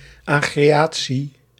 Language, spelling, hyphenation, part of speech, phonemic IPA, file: Dutch, agreatie, agre‧a‧tie, noun, /aː.ɣreːˈaː.(t)si/, Nl-agreatie.ogg
- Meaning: 1. a document expressing agreement to the appointment or ordination of a candidate 2. agreement, assent, consent